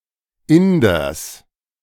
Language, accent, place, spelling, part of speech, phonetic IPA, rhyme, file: German, Germany, Berlin, Inders, noun, [ˈɪndɐs], -ɪndɐs, De-Inders.ogg
- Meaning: genitive singular of Inder